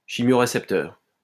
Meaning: chemoreceptor
- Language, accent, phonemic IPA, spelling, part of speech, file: French, France, /ʃi.mjɔ.ʁe.sɛp.tœʁ/, chimiorécepteur, noun, LL-Q150 (fra)-chimiorécepteur.wav